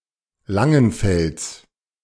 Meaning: genitive of Langenfeld
- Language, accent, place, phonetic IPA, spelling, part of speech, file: German, Germany, Berlin, [ˈlaŋənˌfɛlt͡s], Langenfelds, noun, De-Langenfelds.ogg